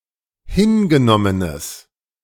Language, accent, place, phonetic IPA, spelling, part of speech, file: German, Germany, Berlin, [ˈhɪnɡəˌnɔmənəs], hingenommenes, adjective, De-hingenommenes.ogg
- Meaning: strong/mixed nominative/accusative neuter singular of hingenommen